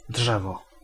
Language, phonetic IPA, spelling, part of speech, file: Polish, [ˈḍʒɛvɔ], drzewo, noun, Pl-drzewo.ogg